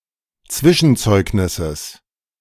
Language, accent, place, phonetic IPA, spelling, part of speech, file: German, Germany, Berlin, [ˈt͡svɪʃn̩ˌt͡sɔɪ̯knɪsəs], Zwischenzeugnisses, noun, De-Zwischenzeugnisses.ogg
- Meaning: genitive singular of Zwischenzeugnis